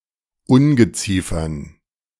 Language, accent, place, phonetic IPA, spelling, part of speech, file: German, Germany, Berlin, [ˈʊnɡəˌt͡siːfɐn], Ungeziefern, noun, De-Ungeziefern.ogg
- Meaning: dative plural of Ungeziefer